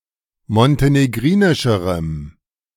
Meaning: strong dative masculine/neuter singular comparative degree of montenegrinisch
- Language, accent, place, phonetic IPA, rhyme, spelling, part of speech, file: German, Germany, Berlin, [mɔnteneˈɡʁiːnɪʃəʁəm], -iːnɪʃəʁəm, montenegrinischerem, adjective, De-montenegrinischerem.ogg